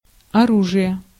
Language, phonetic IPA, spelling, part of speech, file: Russian, [ɐˈruʐɨje], оружие, noun, Ru-оружие.ogg
- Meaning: weapon(s), weaponry, arm(s)